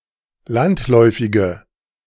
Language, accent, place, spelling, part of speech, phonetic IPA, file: German, Germany, Berlin, landläufige, adjective, [ˈlantˌlɔɪ̯fɪɡə], De-landläufige.ogg
- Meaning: inflection of landläufig: 1. strong/mixed nominative/accusative feminine singular 2. strong nominative/accusative plural 3. weak nominative all-gender singular